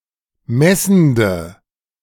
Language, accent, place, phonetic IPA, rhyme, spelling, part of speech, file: German, Germany, Berlin, [ˈmɛsn̩də], -ɛsn̩də, messende, adjective, De-messende.ogg
- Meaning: inflection of messend: 1. strong/mixed nominative/accusative feminine singular 2. strong nominative/accusative plural 3. weak nominative all-gender singular 4. weak accusative feminine/neuter singular